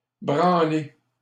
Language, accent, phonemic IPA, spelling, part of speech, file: French, Canada, /bʁɑ̃.le/, branler, verb, LL-Q150 (fra)-branler.wav
- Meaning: 1. to shake 2. to do (some work) 3. to do 4. to masturbate (another person) 5. to masturbate